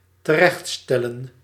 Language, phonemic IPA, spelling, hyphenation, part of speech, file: Dutch, /təˈrɛxtˌstɛ.lə(n)/, terechtstellen, te‧recht‧stel‧len, verb, Nl-terechtstellen.ogg
- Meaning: to execute, to carry out a death sentence